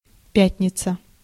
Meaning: Friday
- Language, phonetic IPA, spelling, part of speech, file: Russian, [ˈpʲætʲnʲɪt͡sə], пятница, noun, Ru-пятница.ogg